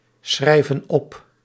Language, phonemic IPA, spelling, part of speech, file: Dutch, /ˈsxrɛivə(n) ˈɔp/, schrijven op, verb, Nl-schrijven op.ogg
- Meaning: inflection of opschrijven: 1. plural present indicative 2. plural present subjunctive